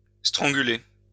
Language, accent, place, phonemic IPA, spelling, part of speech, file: French, France, Lyon, /stʁɑ̃.ɡy.le/, stranguler, verb, LL-Q150 (fra)-stranguler.wav
- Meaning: to strangle